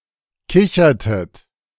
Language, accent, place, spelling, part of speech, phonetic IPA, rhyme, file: German, Germany, Berlin, kichertet, verb, [ˈkɪçɐtət], -ɪçɐtət, De-kichertet.ogg
- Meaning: inflection of kichern: 1. second-person plural preterite 2. second-person plural subjunctive II